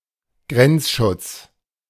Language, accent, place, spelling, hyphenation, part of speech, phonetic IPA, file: German, Germany, Berlin, Grenzschutz, Grenz‧schutz, noun, [ˈɡʁɛntsʃʊts], De-Grenzschutz.ogg
- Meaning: border guard